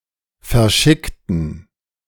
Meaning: inflection of verschicken: 1. first/third-person plural preterite 2. first/third-person plural subjunctive II
- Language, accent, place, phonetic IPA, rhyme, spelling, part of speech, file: German, Germany, Berlin, [fɛɐ̯ˈʃɪktn̩], -ɪktn̩, verschickten, adjective / verb, De-verschickten.ogg